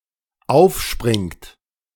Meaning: inflection of aufspringen: 1. third-person singular dependent present 2. second-person plural dependent present
- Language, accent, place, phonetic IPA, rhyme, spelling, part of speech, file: German, Germany, Berlin, [ˈaʊ̯fˌʃpʁɪŋt], -aʊ̯fʃpʁɪŋt, aufspringt, verb, De-aufspringt.ogg